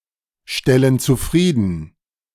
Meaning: inflection of zufriedenstellen: 1. first/third-person plural present 2. first/third-person plural subjunctive I
- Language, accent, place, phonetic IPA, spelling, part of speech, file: German, Germany, Berlin, [ˌʃtɛlən t͡suˈfʁiːdn̩], stellen zufrieden, verb, De-stellen zufrieden.ogg